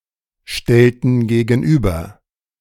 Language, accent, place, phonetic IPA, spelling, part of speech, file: German, Germany, Berlin, [ˌʃtɛltn̩ ɡeːɡn̩ˈʔyːbɐ], stellten gegenüber, verb, De-stellten gegenüber.ogg
- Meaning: inflection of gegenüberstellen: 1. first/third-person plural preterite 2. first/third-person plural subjunctive II